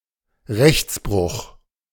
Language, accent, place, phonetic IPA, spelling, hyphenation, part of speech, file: German, Germany, Berlin, [ˈʁɛçtsbʁʊχ], Rechtsbruch, Rechts‧bruch, noun, De-Rechtsbruch.ogg
- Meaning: breach of law